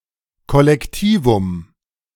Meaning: collective noun (noun referring to a group of similar things)
- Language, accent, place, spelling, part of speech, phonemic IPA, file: German, Germany, Berlin, Kollektivum, noun, /kɔlɛkˈtiːvʊm/, De-Kollektivum.ogg